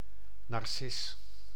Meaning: daffodil (plant of genus Narcissus)
- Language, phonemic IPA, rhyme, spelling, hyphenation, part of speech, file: Dutch, /nɑrˈsɪs/, -ɪs, narcis, nar‧cis, noun, Nl-narcis.ogg